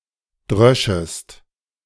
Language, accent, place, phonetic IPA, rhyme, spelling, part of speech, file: German, Germany, Berlin, [ˈdʁœʃəst], -œʃəst, dröschest, verb, De-dröschest.ogg
- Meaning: second-person singular subjunctive II of dreschen